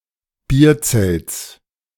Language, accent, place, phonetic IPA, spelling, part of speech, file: German, Germany, Berlin, [ˈbiːɐ̯ˌt͡sɛlt͡s], Bierzelts, noun, De-Bierzelts.ogg
- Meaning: genitive singular of Bierzelt